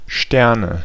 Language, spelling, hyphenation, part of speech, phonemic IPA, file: German, Sterne, Ster‧ne, noun, /ˈʃtɛʁnə/, De-Sterne.ogg
- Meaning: 1. dative singular of Stern 2. nominative/accusative/genitive plural of Stern